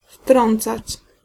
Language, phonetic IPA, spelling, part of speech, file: Polish, [ˈftrɔ̃nt͡sat͡ɕ], wtrącać, verb, Pl-wtrącać.ogg